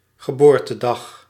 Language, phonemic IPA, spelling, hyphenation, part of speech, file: Dutch, /ɣəˈboːr.təˌdɑx/, geboortedag, ge‧boor‧te‧dag, noun, Nl-geboortedag.ogg
- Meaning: day of a person's birth